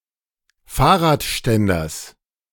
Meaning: genitive singular of Fahrradständer
- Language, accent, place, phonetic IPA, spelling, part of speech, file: German, Germany, Berlin, [ˈfaːɐ̯ʁaːtˌʃtɛndɐs], Fahrradständers, noun, De-Fahrradständers.ogg